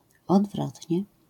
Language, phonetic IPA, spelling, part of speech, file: Polish, [ɔdˈvrɔtʲɲɛ], odwrotnie, adverb, LL-Q809 (pol)-odwrotnie.wav